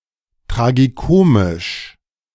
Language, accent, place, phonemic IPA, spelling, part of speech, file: German, Germany, Berlin, /ˌtʁaɡiˈkoːmɪʃ/, tragikomisch, adjective, De-tragikomisch.ogg
- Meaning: tragicomic